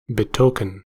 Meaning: 1. To signify by some visible object; show by signs or tokens 2. To foreshow by present signs; indicate something in the future by that which is seen or known
- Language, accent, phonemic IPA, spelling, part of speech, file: English, US, /bɪˈtoʊ.kən/, betoken, verb, En-us-betoken.ogg